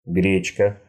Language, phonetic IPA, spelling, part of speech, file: Russian, [ˈɡrʲet͡ɕkə], гречка, noun, Ru-гре́чка.ogg
- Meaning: 1. buckwheat 2. buckwheat porridge (breakfast cereal)